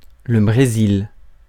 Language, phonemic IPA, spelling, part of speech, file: French, /bʁe.zil/, Brésil, proper noun, Fr-Brésil.ogg
- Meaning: Brazil (a large Portuguese-speaking country in South America)